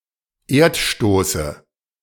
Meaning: dative singular of Erdstoß
- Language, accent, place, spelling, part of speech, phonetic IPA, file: German, Germany, Berlin, Erdstoße, noun, [ˈeːɐ̯tˌʃtoːsə], De-Erdstoße.ogg